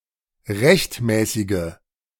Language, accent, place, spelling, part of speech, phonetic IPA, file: German, Germany, Berlin, rechtmäßige, adjective, [ˈʁɛçtˌmɛːsɪɡə], De-rechtmäßige.ogg
- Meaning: inflection of rechtmäßig: 1. strong/mixed nominative/accusative feminine singular 2. strong nominative/accusative plural 3. weak nominative all-gender singular